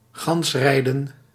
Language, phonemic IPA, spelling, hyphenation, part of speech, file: Dutch, /ˈɣɑnsˌrɛi̯.də(n)/, gansrijden, gans‧rij‧den, noun, Nl-gansrijden.ogg